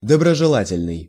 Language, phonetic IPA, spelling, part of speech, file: Russian, [dəbrəʐɨˈɫatʲɪlʲnɨj], доброжелательный, adjective, Ru-доброжелательный.ogg
- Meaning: benevolent, well-wishing